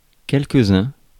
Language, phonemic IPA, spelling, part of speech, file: French, /kɛl.k(ə).z‿œ̃/, quelques-uns, pronoun, Fr-quelques-uns.ogg
- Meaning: some, a few